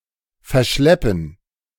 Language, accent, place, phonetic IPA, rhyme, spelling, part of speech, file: German, Germany, Berlin, [fɛɐ̯ˈʃlɛpn̩], -ɛpn̩, verschleppen, verb, De-verschleppen.ogg
- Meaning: 1. to abduct 2. to protract